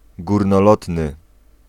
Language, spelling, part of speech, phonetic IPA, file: Polish, górnolotny, adjective, [ˌɡurnɔˈlɔtnɨ], Pl-górnolotny.ogg